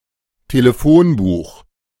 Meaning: telephone directory, phone book
- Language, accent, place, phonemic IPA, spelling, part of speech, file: German, Germany, Berlin, /teːleˈfonbuːχ/, Telefonbuch, noun, De-Telefonbuch.ogg